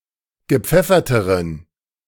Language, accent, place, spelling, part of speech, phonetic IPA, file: German, Germany, Berlin, gepfefferteren, adjective, [ɡəˈp͡fɛfɐtəʁən], De-gepfefferteren.ogg
- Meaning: inflection of gepfeffert: 1. strong genitive masculine/neuter singular comparative degree 2. weak/mixed genitive/dative all-gender singular comparative degree